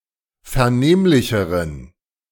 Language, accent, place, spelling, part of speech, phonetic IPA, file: German, Germany, Berlin, vernehmlicheren, adjective, [fɛɐ̯ˈneːmlɪçəʁən], De-vernehmlicheren.ogg
- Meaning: inflection of vernehmlich: 1. strong genitive masculine/neuter singular comparative degree 2. weak/mixed genitive/dative all-gender singular comparative degree